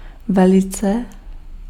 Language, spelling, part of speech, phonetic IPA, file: Czech, velice, adverb, [ˈvɛlɪt͡sɛ], Cs-velice.ogg
- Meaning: 1. very, very much 2. greatly